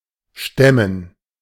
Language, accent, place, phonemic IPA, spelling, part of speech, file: German, Germany, Berlin, /ˈʃtɛmən/, stemmen, verb, De-stemmen.ogg
- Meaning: 1. to heave, to lift (a heavy load, weights, oneself) 2. to brace, to press (a body part against a firm surface) 3. to push, to brace oneself (against an obstacle or opposing force)